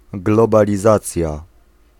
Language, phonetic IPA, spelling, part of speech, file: Polish, [ˌɡlɔbalʲiˈzat͡sʲja], globalizacja, noun, Pl-globalizacja.ogg